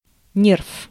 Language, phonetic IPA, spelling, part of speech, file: Russian, [nʲerf], нерв, noun, Ru-нерв.ogg
- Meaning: 1. nerve 2. mental agitation caused by fear, stress or other negative emotions